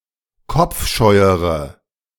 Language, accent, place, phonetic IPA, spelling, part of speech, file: German, Germany, Berlin, [ˈkɔp͡fˌʃɔɪ̯əʁə], kopfscheuere, adjective, De-kopfscheuere.ogg
- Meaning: inflection of kopfscheu: 1. strong/mixed nominative/accusative feminine singular comparative degree 2. strong nominative/accusative plural comparative degree